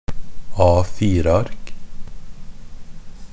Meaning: A piece of paper in the standard A4 format
- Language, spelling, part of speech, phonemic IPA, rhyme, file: Norwegian Bokmål, A4-ark, noun, /ɑːfiːrəark/, -ark, NB - Pronunciation of Norwegian Bokmål «A4-ark».ogg